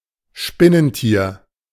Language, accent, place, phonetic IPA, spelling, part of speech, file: German, Germany, Berlin, [ˈʃpɪnənˌtiːɐ̯], Spinnentier, noun, De-Spinnentier.ogg
- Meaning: arachnid